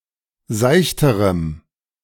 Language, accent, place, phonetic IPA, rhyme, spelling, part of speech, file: German, Germany, Berlin, [ˈzaɪ̯çtəʁəm], -aɪ̯çtəʁəm, seichterem, adjective, De-seichterem.ogg
- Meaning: strong dative masculine/neuter singular comparative degree of seicht